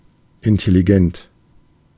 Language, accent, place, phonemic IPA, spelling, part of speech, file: German, Germany, Berlin, /ʔɪntɛliˈɡɛnt/, intelligent, adjective, De-intelligent.ogg
- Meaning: intelligent